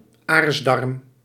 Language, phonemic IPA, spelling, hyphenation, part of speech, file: Dutch, /ˈaːrs.dɑrm/, aarsdarm, aars‧darm, noun, Nl-aarsdarm.ogg
- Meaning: rectum